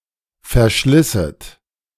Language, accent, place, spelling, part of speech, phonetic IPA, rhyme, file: German, Germany, Berlin, verschlisset, verb, [fɛɐ̯ˈʃlɪsət], -ɪsət, De-verschlisset.ogg
- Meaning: second-person plural subjunctive II of verschleißen